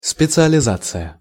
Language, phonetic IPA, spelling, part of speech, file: Russian, [spʲɪt͡sɨəlʲɪˈzat͡sɨjə], специализация, noun, Ru-специализация.ogg
- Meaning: specialization (the process of specializing)